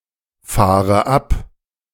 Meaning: inflection of abfahren: 1. first-person singular present 2. first/third-person singular subjunctive I 3. singular imperative
- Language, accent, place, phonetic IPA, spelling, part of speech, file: German, Germany, Berlin, [ˌfaːʁə ˈap], fahre ab, verb, De-fahre ab.ogg